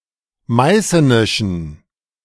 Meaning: inflection of meißenisch: 1. strong genitive masculine/neuter singular 2. weak/mixed genitive/dative all-gender singular 3. strong/weak/mixed accusative masculine singular 4. strong dative plural
- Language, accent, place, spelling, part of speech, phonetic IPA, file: German, Germany, Berlin, meißenischen, adjective, [ˈmaɪ̯sənɪʃn̩], De-meißenischen.ogg